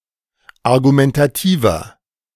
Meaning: 1. comparative degree of argumentativ 2. inflection of argumentativ: strong/mixed nominative masculine singular 3. inflection of argumentativ: strong genitive/dative feminine singular
- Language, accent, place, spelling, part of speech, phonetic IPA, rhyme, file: German, Germany, Berlin, argumentativer, adjective, [aʁɡumɛntaˈtiːvɐ], -iːvɐ, De-argumentativer.ogg